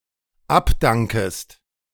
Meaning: second-person singular dependent subjunctive I of abdanken
- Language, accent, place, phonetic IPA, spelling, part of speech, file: German, Germany, Berlin, [ˈapˌdaŋkəst], abdankest, verb, De-abdankest.ogg